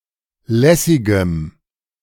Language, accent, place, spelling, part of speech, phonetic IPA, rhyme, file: German, Germany, Berlin, lässigem, adjective, [ˈlɛsɪɡəm], -ɛsɪɡəm, De-lässigem.ogg
- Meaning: strong dative masculine/neuter singular of lässig